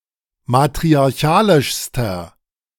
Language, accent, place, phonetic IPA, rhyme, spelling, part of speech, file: German, Germany, Berlin, [matʁiaʁˈçaːlɪʃstɐ], -aːlɪʃstɐ, matriarchalischster, adjective, De-matriarchalischster.ogg
- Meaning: inflection of matriarchalisch: 1. strong/mixed nominative masculine singular superlative degree 2. strong genitive/dative feminine singular superlative degree